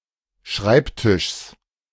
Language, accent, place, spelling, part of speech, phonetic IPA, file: German, Germany, Berlin, Schreibtischs, noun, [ˈʃʁaɪ̯pˌtɪʃs], De-Schreibtischs.ogg
- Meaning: genitive singular of Schreibtisch